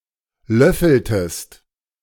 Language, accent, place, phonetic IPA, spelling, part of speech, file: German, Germany, Berlin, [ˈlœfl̩təst], löffeltest, verb, De-löffeltest.ogg
- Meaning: inflection of löffeln: 1. second-person singular preterite 2. second-person singular subjunctive II